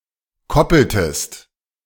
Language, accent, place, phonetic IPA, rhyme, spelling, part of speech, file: German, Germany, Berlin, [ˈkɔpl̩təst], -ɔpl̩təst, koppeltest, verb, De-koppeltest.ogg
- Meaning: inflection of koppeln: 1. second-person singular preterite 2. second-person singular subjunctive II